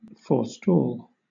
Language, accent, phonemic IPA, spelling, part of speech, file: English, Southern England, /fɔː(ɹ)ˈstɔːl/, forestal, verb, LL-Q1860 (eng)-forestal.wav
- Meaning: Obsolete spelling of forestall